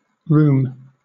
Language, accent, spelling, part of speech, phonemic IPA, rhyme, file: English, Southern England, rheum, noun, /ɹuːm/, -uːm, LL-Q1860 (eng)-rheum.wav
- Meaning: Thin or watery discharge of mucus or serum, especially from the eyes or nose, formerly thought to cause disease